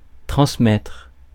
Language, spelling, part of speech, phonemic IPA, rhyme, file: French, transmettre, verb, /tʁɑ̃s.mɛtʁ/, -ɛtʁ, Fr-transmettre.ogg
- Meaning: to transmit